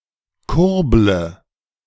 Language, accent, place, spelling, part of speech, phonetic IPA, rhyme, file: German, Germany, Berlin, kurble, verb, [ˈkʊʁblə], -ʊʁblə, De-kurble.ogg
- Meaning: inflection of kurbeln: 1. first-person singular present 2. first/third-person singular subjunctive I 3. singular imperative